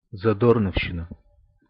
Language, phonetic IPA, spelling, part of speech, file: Russian, [zɐˈdornəfɕːɪnə], задорновщина, noun, Ru-задорновщина.ogg
- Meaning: 1. pseudoscientific ideas about history and linguistics 2. pseudoscience